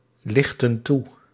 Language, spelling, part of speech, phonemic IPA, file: Dutch, lichten toe, verb, /ˈlɪxtə(n) ˈtu/, Nl-lichten toe.ogg
- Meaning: inflection of toelichten: 1. plural present indicative 2. plural present subjunctive